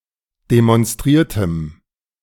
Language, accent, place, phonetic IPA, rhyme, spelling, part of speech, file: German, Germany, Berlin, [demɔnˈstʁiːɐ̯təm], -iːɐ̯təm, demonstriertem, adjective, De-demonstriertem.ogg
- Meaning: strong dative masculine/neuter singular of demonstriert